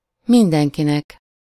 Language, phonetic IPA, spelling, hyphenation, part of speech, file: Hungarian, [ˈmindɛŋkinɛk], mindenkinek, min‧den‧ki‧nek, pronoun, Hu-mindenkinek.ogg
- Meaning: dative singular of mindenki